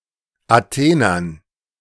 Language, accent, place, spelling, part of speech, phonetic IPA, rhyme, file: German, Germany, Berlin, Athenern, noun, [aˈteːnɐn], -eːnɐn, De-Athenern.ogg
- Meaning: dative plural of Athener